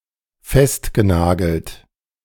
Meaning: past participle of festnageln
- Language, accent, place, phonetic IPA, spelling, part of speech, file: German, Germany, Berlin, [ˈfɛstɡəˌnaːɡl̩t], festgenagelt, verb, De-festgenagelt.ogg